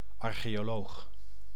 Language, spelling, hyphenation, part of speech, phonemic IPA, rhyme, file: Dutch, archeoloog, ar‧cheo‧loog, noun, /ˌɑr.xeː.oːˈloːx/, -oːx, Nl-archeoloog.ogg
- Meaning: archaeologist